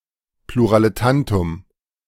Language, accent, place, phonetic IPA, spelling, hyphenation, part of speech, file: German, Germany, Berlin, [pluˌʁaːləˈtantʊm], Pluraletantum, Plu‧ra‧le‧tan‧tum, noun, De-Pluraletantum.ogg
- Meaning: plurale tantum (a noun without a singular form)